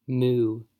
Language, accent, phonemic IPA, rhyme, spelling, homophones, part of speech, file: English, US, /muː/, -uː, moo, moue, noun / verb / interjection, En-us-moo.ogg
- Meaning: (noun) 1. The characteristic lowing sound made by cattle 2. A foolish woman; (verb) Of a cow or bull, to make its characteristic lowing sound